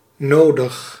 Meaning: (adjective) 1. necessary, needed 2. inevitable; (adverb) necessarily, badly, urgently
- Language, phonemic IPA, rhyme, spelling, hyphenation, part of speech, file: Dutch, /ˈnoːdəx/, -oːdəx, nodig, no‧dig, adjective / adverb, Nl-nodig.ogg